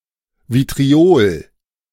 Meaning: 1. vitriol (sulfuric acid) 2. blue vitriol
- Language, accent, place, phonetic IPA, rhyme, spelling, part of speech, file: German, Germany, Berlin, [vitʁiˈoːl], -oːl, Vitriol, noun, De-Vitriol.ogg